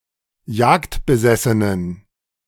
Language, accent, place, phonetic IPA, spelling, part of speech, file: German, Germany, Berlin, [ˈjaːktbəˌzɛsənən], jagdbesessenen, adjective, De-jagdbesessenen.ogg
- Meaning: inflection of jagdbesessen: 1. strong genitive masculine/neuter singular 2. weak/mixed genitive/dative all-gender singular 3. strong/weak/mixed accusative masculine singular 4. strong dative plural